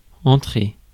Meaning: to enter
- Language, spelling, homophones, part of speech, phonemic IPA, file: French, entrer, entrai / entré / entrée / entrées / entrés / entrez, verb, /ɑ̃.tʁe/, Fr-entrer.ogg